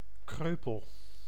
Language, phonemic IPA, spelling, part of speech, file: Dutch, /ˈkrøːpəl/, kreupel, adjective, Nl-kreupel.ogg
- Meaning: crippled; lame